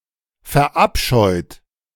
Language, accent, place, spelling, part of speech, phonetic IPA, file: German, Germany, Berlin, verabscheut, adjective / verb, [fɛɐ̯ˈʔapʃɔɪ̯t], De-verabscheut.ogg
- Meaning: 1. past participle of verabscheuen 2. inflection of verabscheuen: second-person plural present 3. inflection of verabscheuen: third-person singular present